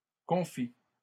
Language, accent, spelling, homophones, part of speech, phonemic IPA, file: French, Canada, confit, confie / confient / confies / confis / confît / confits, adjective / noun / verb, /kɔ̃.fi/, LL-Q150 (fra)-confit.wav
- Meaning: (adjective) preserved, pickled; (noun) confit; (verb) 1. past participle of confire 2. inflection of confire: third-person singular present indicative